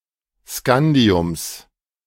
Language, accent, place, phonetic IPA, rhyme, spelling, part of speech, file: German, Germany, Berlin, [ˈskandi̯ʊms], -andi̯ʊms, Scandiums, noun, De-Scandiums.ogg
- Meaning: genitive singular of Scandium